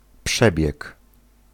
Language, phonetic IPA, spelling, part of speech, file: Polish, [ˈpʃɛbʲjɛk], przebieg, noun, Pl-przebieg.ogg